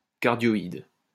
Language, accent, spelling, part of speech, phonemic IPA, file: French, France, cardioïde, adjective / noun, /kaʁ.djɔ.id/, LL-Q150 (fra)-cardioïde.wav
- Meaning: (adjective) cardioid; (noun) cardioid (epicycloid with one cusp)